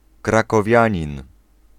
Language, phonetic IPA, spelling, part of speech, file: Polish, [ˌkrakɔˈvʲjä̃ɲĩn], krakowianin, noun, Pl-krakowianin.ogg